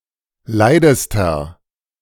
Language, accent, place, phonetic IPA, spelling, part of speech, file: German, Germany, Berlin, [ˈlaɪ̯dəstɐ], leidester, adjective, De-leidester.ogg
- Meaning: inflection of leid: 1. strong/mixed nominative masculine singular superlative degree 2. strong genitive/dative feminine singular superlative degree 3. strong genitive plural superlative degree